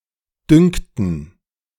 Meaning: first/third-person plural subjunctive II of dünken
- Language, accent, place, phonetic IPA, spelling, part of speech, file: German, Germany, Berlin, [ˈdʏŋktn̩], dünkten, verb, De-dünkten.ogg